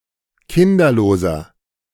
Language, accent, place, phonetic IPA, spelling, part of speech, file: German, Germany, Berlin, [ˈkɪndɐloːzɐ], kinderloser, adjective, De-kinderloser.ogg
- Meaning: inflection of kinderlos: 1. strong/mixed nominative masculine singular 2. strong genitive/dative feminine singular 3. strong genitive plural